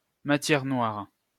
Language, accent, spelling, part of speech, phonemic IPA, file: French, France, matière noire, noun, /ma.tjɛʁ nwaʁ/, LL-Q150 (fra)-matière noire.wav
- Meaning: dark matter